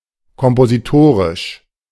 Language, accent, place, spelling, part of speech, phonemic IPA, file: German, Germany, Berlin, kompositorisch, adjective, /kɔmpoziˈtoːʁɪʃ/, De-kompositorisch.ogg
- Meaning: compositional